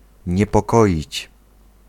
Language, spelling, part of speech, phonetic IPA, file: Polish, niepokoić, verb, [ˌɲɛpɔˈkɔʲit͡ɕ], Pl-niepokoić.ogg